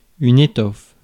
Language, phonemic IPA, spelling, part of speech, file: French, /e.tɔf/, étoffe, noun, Fr-étoffe.ogg
- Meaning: 1. fabric, material 2. stuff